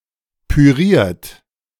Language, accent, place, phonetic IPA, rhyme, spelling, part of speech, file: German, Germany, Berlin, [pyˈʁiːɐ̯t], -iːɐ̯t, püriert, adjective / verb, De-püriert.ogg
- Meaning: 1. past participle of pürieren 2. inflection of pürieren: third-person singular present 3. inflection of pürieren: second-person plural present 4. inflection of pürieren: plural imperative